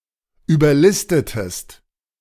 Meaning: inflection of überlisten: 1. second-person singular preterite 2. second-person singular subjunctive II
- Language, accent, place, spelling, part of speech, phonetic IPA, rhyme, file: German, Germany, Berlin, überlistetest, verb, [yːbɐˈlɪstətəst], -ɪstətəst, De-überlistetest.ogg